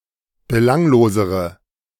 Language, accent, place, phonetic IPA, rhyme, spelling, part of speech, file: German, Germany, Berlin, [bəˈlaŋloːzəʁə], -aŋloːzəʁə, belanglosere, adjective, De-belanglosere.ogg
- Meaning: inflection of belanglos: 1. strong/mixed nominative/accusative feminine singular comparative degree 2. strong nominative/accusative plural comparative degree